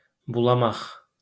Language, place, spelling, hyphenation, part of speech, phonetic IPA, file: Azerbaijani, Baku, bulamaq, bu‧la‧maq, verb, [bʊɫɑˈmɑχ], LL-Q9292 (aze)-bulamaq.wav
- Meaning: 1. to contaminate, make dirty 2. to contaminate, make dirty: to play dirty/mean tricks 3. to mix fluids 4. to wag (the tail) 5. to shake (one's head)